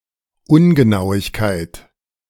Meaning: inaccuracy
- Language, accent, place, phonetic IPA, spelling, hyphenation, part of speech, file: German, Germany, Berlin, [ˈʊnɡənaʊ̯ɪçkaɪ̯t], Ungenauigkeit, Un‧ge‧nau‧ig‧keit, noun, De-Ungenauigkeit.ogg